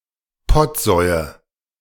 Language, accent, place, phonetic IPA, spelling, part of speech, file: German, Germany, Berlin, [ˈpɔtˌzɔɪ̯ə], Pottsäue, noun, De-Pottsäue.ogg
- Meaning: nominative/accusative/genitive plural of Pottsau